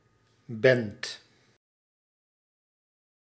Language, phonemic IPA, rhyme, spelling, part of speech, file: Dutch, /bɛnt/, -ɛnt, bent, verb, Nl-bent.ogg
- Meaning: second-person singular present indicative of zijn; are